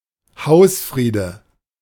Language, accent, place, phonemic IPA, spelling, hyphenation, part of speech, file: German, Germany, Berlin, /ˈhaʊ̯sˌfʁiːdə/, Hausfriede, Haus‧frie‧de, noun, De-Hausfriede.ogg
- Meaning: domestic peace